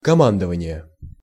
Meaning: command, commanding (action)
- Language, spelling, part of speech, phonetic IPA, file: Russian, командование, noun, [kɐˈmandəvənʲɪje], Ru-командование.ogg